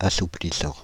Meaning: present participle of assouplir
- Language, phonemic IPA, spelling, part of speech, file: French, /a.su.pli.sɑ̃/, assouplissant, verb, Fr-assouplissant.ogg